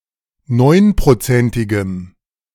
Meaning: strong dative masculine/neuter singular of neunprozentig
- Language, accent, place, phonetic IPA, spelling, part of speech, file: German, Germany, Berlin, [ˈnɔɪ̯npʁoˌt͡sɛntɪɡəm], neunprozentigem, adjective, De-neunprozentigem.ogg